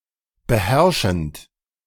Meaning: present participle of beherrschen
- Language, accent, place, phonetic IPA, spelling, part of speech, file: German, Germany, Berlin, [bəˈhɛʁʃn̩t], beherrschend, verb, De-beherrschend.ogg